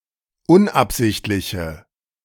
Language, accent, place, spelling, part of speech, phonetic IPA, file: German, Germany, Berlin, unabsichtliche, adjective, [ˈʊnʔapˌzɪçtlɪçə], De-unabsichtliche.ogg
- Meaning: inflection of unabsichtlich: 1. strong/mixed nominative/accusative feminine singular 2. strong nominative/accusative plural 3. weak nominative all-gender singular